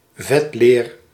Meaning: curried leather
- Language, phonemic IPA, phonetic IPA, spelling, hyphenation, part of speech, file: Dutch, /ˈvɛt.leːr/, [ˈvɛt.lɪːr], vetleer, vet‧leer, noun, Nl-vetleer.ogg